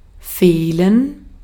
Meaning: for there to be a lack [with dative ‘to someone/something’ and an (+ dative) ‘of something’] (idiomatically translated by English lack with the dative object as the subject)
- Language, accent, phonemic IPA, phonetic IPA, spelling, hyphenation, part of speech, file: German, Austria, /ˈfeːlən/, [ˈfeːln̩], fehlen, feh‧len, verb, De-at-fehlen.ogg